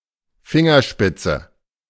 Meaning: fingertip
- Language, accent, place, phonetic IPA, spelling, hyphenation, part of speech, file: German, Germany, Berlin, [ˈfɪŋɐˌʃpɪtsə], Fingerspitze, Fin‧ger‧spit‧ze, noun, De-Fingerspitze.ogg